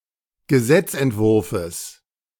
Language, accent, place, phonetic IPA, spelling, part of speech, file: German, Germany, Berlin, [ɡəˈzɛt͡sʔɛntˌvʊʁfəs], Gesetzentwurfes, noun, De-Gesetzentwurfes.ogg
- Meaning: genitive singular of Gesetzentwurf